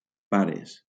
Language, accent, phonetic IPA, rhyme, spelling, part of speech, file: Catalan, Valencia, [ˈpa.ɾes], -aɾes, pares, noun / verb, LL-Q7026 (cat)-pares.wav
- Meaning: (noun) 1. plural of pare 2. parents; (verb) second-person singular present indicative of parar